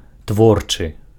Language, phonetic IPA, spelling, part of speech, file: Belarusian, [ˈtvort͡ʂɨ], творчы, adjective, Be-творчы.ogg
- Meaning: creative